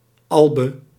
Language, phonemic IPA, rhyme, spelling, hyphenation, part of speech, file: Dutch, /ˈɑl.bə/, -ɑlbə, albe, al‧be, noun, Nl-albe.ogg
- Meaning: alb